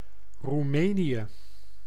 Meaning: Romania (a country in Southeastern Europe)
- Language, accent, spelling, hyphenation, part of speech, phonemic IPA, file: Dutch, Netherlands, Roemenië, Roe‧me‧nië, proper noun, /ruˈmeː.ni.(j)ə/, Nl-Roemenië.ogg